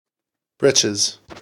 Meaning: 1. Alternative form of breeches (pants, trousers) 2. The roe of cod
- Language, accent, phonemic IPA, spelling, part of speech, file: English, US, /ˈbɹɪt͡ʃɪz/, britches, noun, En-us-britches.ogg